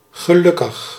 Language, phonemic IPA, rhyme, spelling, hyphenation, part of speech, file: Dutch, /ɣəˈlʏ.kəx/, -ʏkəx, gelukkig, ge‧luk‧kig, adjective / adverb, Nl-gelukkig.ogg
- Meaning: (adjective) 1. happy; generally in life. For momentarily, see blij 2. pleased, satisfied, fulfilled 3. lucky; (adverb) 1. luckily 2. thankfully